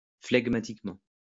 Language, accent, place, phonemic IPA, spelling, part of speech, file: French, France, Lyon, /flɛɡ.ma.tik.mɑ̃/, flegmatiquement, adverb, LL-Q150 (fra)-flegmatiquement.wav
- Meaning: phlegmatically